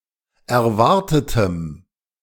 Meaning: strong dative masculine/neuter singular of erwartet
- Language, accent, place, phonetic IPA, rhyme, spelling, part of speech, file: German, Germany, Berlin, [ɛɐ̯ˈvaʁtətəm], -aʁtətəm, erwartetem, adjective, De-erwartetem.ogg